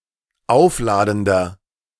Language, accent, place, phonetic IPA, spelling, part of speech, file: German, Germany, Berlin, [ˈaʊ̯fˌlaːdn̩dɐ], aufladender, adjective, De-aufladender.ogg
- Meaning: inflection of aufladend: 1. strong/mixed nominative masculine singular 2. strong genitive/dative feminine singular 3. strong genitive plural